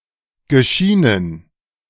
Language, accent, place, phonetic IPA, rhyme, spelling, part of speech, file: German, Germany, Berlin, [ɡəˈʃiːnən], -iːnən, geschienen, verb, De-geschienen.ogg
- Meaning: past participle of scheinen